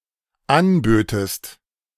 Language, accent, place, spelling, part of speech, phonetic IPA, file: German, Germany, Berlin, anbötest, verb, [ˈanˌbøːtəst], De-anbötest.ogg
- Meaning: second-person singular dependent subjunctive II of anbieten